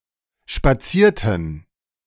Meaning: inflection of spazieren: 1. first/third-person plural preterite 2. first/third-person plural subjunctive II
- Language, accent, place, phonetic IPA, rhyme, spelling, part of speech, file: German, Germany, Berlin, [ʃpaˈt͡siːɐ̯tn̩], -iːɐ̯tn̩, spazierten, verb, De-spazierten.ogg